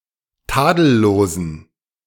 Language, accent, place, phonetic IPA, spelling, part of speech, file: German, Germany, Berlin, [ˈtaːdl̩loːzn̩], tadellosen, adjective, De-tadellosen.ogg
- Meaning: inflection of tadellos: 1. strong genitive masculine/neuter singular 2. weak/mixed genitive/dative all-gender singular 3. strong/weak/mixed accusative masculine singular 4. strong dative plural